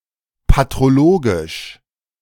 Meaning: patrologic, patrological
- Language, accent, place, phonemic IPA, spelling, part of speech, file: German, Germany, Berlin, /patʁoˈloːɡɪʃ/, patrologisch, adjective, De-patrologisch.ogg